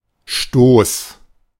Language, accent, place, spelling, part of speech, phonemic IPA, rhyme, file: German, Germany, Berlin, Stoß, noun, /ʃtoːs/, -oːs, De-Stoß.ogg
- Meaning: 1. push, shove, bump 2. stack, pile 3. the rectrices (the flight feathers on the tails of birds)